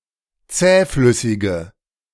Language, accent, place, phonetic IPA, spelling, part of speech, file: German, Germany, Berlin, [ˈt͡sɛːˌflʏsɪɡə], zähflüssige, adjective, De-zähflüssige.ogg
- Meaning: inflection of zähflüssig: 1. strong/mixed nominative/accusative feminine singular 2. strong nominative/accusative plural 3. weak nominative all-gender singular